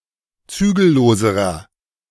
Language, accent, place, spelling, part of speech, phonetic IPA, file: German, Germany, Berlin, zügelloserer, adjective, [ˈt͡syːɡl̩ˌloːzəʁɐ], De-zügelloserer.ogg
- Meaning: inflection of zügellos: 1. strong/mixed nominative masculine singular comparative degree 2. strong genitive/dative feminine singular comparative degree 3. strong genitive plural comparative degree